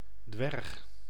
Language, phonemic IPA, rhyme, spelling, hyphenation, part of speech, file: Dutch, /dʋɛrx/, -ɛrx, dwerg, dwerg, noun, Nl-dwerg.ogg
- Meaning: 1. dwarf (small human; small specimen, breed or species of animal) 2. dwarf (small folkloristic humanoid)